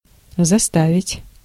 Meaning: 1. to compel, to force, to make 2. to fill, to cram, to jam, to clutter 3. to block up, to close off
- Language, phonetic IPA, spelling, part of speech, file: Russian, [zɐˈstavʲɪtʲ], заставить, verb, Ru-заставить.ogg